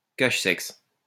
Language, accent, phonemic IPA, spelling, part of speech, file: French, France, /kaʃ.sɛks/, cache-sexe, noun, LL-Q150 (fra)-cache-sexe.wav
- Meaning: cache-sexe